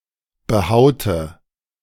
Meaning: inflection of behauen: 1. first/third-person singular preterite 2. first/third-person singular subjunctive II
- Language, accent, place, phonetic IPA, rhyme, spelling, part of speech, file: German, Germany, Berlin, [bəˈhaʊ̯tə], -aʊ̯tə, behaute, verb, De-behaute.ogg